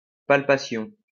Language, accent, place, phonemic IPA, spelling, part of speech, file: French, France, Lyon, /pal.pa.sjɔ̃/, palpation, noun, LL-Q150 (fra)-palpation.wav
- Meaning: palpation